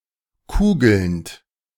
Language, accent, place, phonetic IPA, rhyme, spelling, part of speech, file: German, Germany, Berlin, [ˈkuːɡl̩nt], -uːɡl̩nt, kugelnd, verb, De-kugelnd.ogg
- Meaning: present participle of kugeln